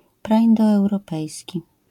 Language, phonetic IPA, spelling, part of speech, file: Polish, [ˌpraʲĩndɔɛwrɔˈpɛjsʲci], praindoeuropejski, adjective / noun, LL-Q809 (pol)-praindoeuropejski.wav